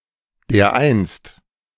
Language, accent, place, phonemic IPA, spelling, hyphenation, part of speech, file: German, Germany, Berlin, /deːɐ̯ˈʔaɪ̯nst/, dereinst, der‧einst, adverb, De-dereinst.ogg
- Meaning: 1. one day 2. once